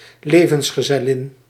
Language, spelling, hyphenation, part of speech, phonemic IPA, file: Dutch, levensgezellin, le‧vens‧ge‧zel‧lin, noun, /ˈleː.və(n)s.xə.zɛˌlɪn/, Nl-levensgezellin.ogg
- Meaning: female life partner